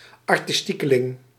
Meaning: 1. artist, someone who is considered artsy-fartsy 2. a type of nozem inspired by modern art, French culture and jazz, similar to a mod
- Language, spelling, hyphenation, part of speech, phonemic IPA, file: Dutch, artistiekeling, ar‧tis‧tie‧ke‧ling, noun, /ɑr.tɪsˈti.kəˌlɪŋ/, Nl-artistiekeling.ogg